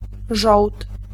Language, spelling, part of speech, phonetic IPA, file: Polish, żołd, noun, [ʒɔwt], Pl-żołd.ogg